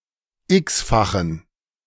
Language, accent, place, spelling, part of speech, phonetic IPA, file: German, Germany, Berlin, x-fachen, adjective, [ˈɪksfaxn̩], De-x-fachen.ogg
- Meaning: inflection of x-fach: 1. strong genitive masculine/neuter singular 2. weak/mixed genitive/dative all-gender singular 3. strong/weak/mixed accusative masculine singular 4. strong dative plural